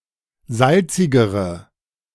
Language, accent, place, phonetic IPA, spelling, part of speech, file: German, Germany, Berlin, [ˈzalt͡sɪɡəʁə], salzigere, adjective, De-salzigere.ogg
- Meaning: inflection of salzig: 1. strong/mixed nominative/accusative feminine singular comparative degree 2. strong nominative/accusative plural comparative degree